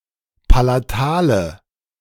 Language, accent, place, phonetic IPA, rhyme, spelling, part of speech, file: German, Germany, Berlin, [palaˈtaːlə], -aːlə, palatale, adjective, De-palatale.ogg
- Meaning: inflection of palatal: 1. strong/mixed nominative/accusative feminine singular 2. strong nominative/accusative plural 3. weak nominative all-gender singular 4. weak accusative feminine/neuter singular